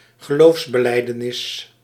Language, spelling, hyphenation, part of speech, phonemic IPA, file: Dutch, geloofsbelijdenis, ge‧loofs‧be‧lij‧de‧nis, noun, /ɣəˈloːfs.bəˌlɛi̯.dəˌnɪs/, Nl-geloofsbelijdenis.ogg
- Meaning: creed